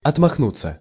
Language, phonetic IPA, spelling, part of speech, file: Russian, [ɐtmɐxˈnut͡sːə], отмахнуться, verb, Ru-отмахнуться.ogg
- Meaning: 1. to wave/fan off/away 2. to wave away, to wave aside, to brush aside 3. passive of отмахну́ть (otmaxnútʹ)